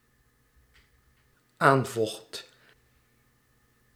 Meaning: singular dependent-clause past indicative of aanvechten
- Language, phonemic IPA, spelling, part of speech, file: Dutch, /ˈaɱvloxt/, aanvocht, verb, Nl-aanvocht.ogg